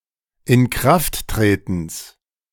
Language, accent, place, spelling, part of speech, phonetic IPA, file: German, Germany, Berlin, Inkrafttretens, noun, [ɪnˈkʁaftˌtʁeːtn̩s], De-Inkrafttretens.ogg
- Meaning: genitive singular of Inkrafttreten